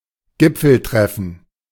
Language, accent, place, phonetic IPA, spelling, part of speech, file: German, Germany, Berlin, [ˈɡɪp͡fl̩ˌtʁɛfn̩], Gipfeltreffen, noun, De-Gipfeltreffen.ogg
- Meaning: summit (gathering of leaders)